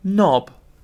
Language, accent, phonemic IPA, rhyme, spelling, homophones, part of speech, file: English, UK, /nɒb/, -ɒb, knob, nob, noun / verb, En-uk-knob.ogg
- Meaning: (noun) A rounded protuberance, especially one arising from a flat surface; a fleshy lump or caruncle